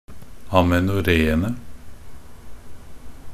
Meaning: definite plural of amenoré
- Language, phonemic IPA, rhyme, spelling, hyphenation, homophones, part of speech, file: Norwegian Bokmål, /amɛnʊˈreːənə/, -ənə, amenoréene, a‧me‧no‧ré‧en‧e, amenoreene, noun, Nb-amenoréene.ogg